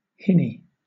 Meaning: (noun) The hybrid offspring of a stallion (male horse) and a she-ass (female donkey); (verb) To whinny; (noun) A term of endearment usually for women
- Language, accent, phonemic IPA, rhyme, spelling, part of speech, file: English, Southern England, /ˈhɪ.ni/, -ɪni, hinny, noun / verb, LL-Q1860 (eng)-hinny.wav